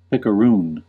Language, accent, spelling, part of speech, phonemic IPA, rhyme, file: English, US, picaroon, noun / verb, /ˌpɪkəˈɹuːn/, -uːn, En-us-picaroon.ogg
- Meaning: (noun) 1. A pirate or picaro 2. A pirate ship 3. A rogue; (verb) To behave as a pirate